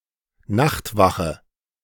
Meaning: night watch
- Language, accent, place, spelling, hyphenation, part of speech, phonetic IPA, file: German, Germany, Berlin, Nachtwache, Nacht‧wa‧che, noun, [ˈnaxtˌvaxə], De-Nachtwache.ogg